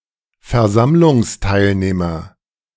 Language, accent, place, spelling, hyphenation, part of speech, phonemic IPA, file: German, Germany, Berlin, Versammlungsteilnehmer, Ver‧samm‧lungs‧teil‧neh‧mer, noun, /fɛɐ̯ˈzamlʊŋsˌtaɪ̯lneːmɐ/, De-Versammlungsteilnehmer.ogg
- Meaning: conventioneer